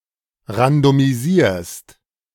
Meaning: second-person singular present of randomisieren
- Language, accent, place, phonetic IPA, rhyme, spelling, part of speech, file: German, Germany, Berlin, [ʁandomiˈziːɐ̯st], -iːɐ̯st, randomisierst, verb, De-randomisierst.ogg